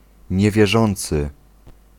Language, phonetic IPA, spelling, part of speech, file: Polish, [ˌɲɛvʲjɛˈʒɔ̃nt͡sɨ], niewierzący, noun, Pl-niewierzący.ogg